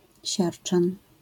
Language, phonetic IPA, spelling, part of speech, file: Polish, [ˈɕart͡ʃãn], siarczan, noun, LL-Q809 (pol)-siarczan.wav